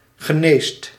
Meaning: inflection of genezen: 1. second/third-person singular present indicative 2. plural imperative
- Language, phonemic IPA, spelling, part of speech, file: Dutch, /ɣəˈnest/, geneest, verb, Nl-geneest.ogg